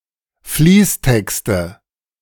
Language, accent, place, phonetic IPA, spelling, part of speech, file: German, Germany, Berlin, [ˈfliːsˌtɛkstə], Fließtexte, noun, De-Fließtexte.ogg
- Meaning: nominative/accusative/genitive plural of Fließtext